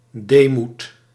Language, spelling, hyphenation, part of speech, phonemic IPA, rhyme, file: Dutch, deemoed, dee‧moed, noun, /ˈdeː.mut/, -eːmut, Nl-deemoed.ogg
- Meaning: humility, modesty, meekness